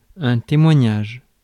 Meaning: testimony
- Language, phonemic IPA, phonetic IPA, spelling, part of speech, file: French, /te.mwa.ɲaʒ/, [tɛ̃mwɑ̃jaʒ], témoignage, noun, Fr-témoignage.ogg